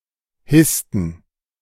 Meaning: inflection of hissen: 1. first/third-person plural preterite 2. first/third-person plural subjunctive II
- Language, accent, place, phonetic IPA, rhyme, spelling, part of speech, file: German, Germany, Berlin, [ˈhɪstn̩], -ɪstn̩, hissten, verb, De-hissten.ogg